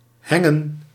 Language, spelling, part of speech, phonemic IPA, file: Dutch, hengen, noun, /ˈhɛŋə(n)/, Nl-hengen.ogg
- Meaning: plural of heng